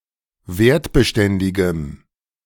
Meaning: strong dative masculine/neuter singular of wertbeständig
- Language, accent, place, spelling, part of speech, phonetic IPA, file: German, Germany, Berlin, wertbeständigem, adjective, [ˈveːɐ̯tbəˌʃtɛndɪɡəm], De-wertbeständigem.ogg